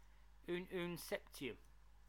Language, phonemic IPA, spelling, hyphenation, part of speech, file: English, /uːnuːnˈsɛpti.əm/, ununseptium, un‧un‧sep‧ti‧um, noun, En-ununseptium.oga
- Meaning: The systematic element name for the chemical element with atomic number 117 (symbol Uus). The element is now named tennessine